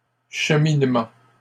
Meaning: progress, course
- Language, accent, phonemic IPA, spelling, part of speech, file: French, Canada, /ʃə.min.mɑ̃/, cheminement, noun, LL-Q150 (fra)-cheminement.wav